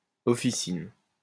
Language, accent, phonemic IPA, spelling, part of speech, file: French, France, /ɔ.fi.sin/, officine, noun, LL-Q150 (fra)-officine.wav
- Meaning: pharmacy, dispensary (especially retail)